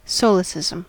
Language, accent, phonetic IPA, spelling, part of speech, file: English, US, [ˈsoʊlɨsɪzəm], solecism, noun, En-us-solecism2.ogg
- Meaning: 1. An error or improper usage 2. An error or improper usage.: An error in the use of language